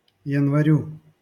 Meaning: dative singular of янва́рь (janvárʹ)
- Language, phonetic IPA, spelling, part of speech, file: Russian, [(j)ɪnvɐˈrʲu], январю, noun, LL-Q7737 (rus)-январю.wav